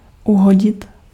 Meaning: to hit, strike, knock
- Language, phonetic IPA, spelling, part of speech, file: Czech, [ˈuɦoɟɪt], uhodit, verb, Cs-uhodit.ogg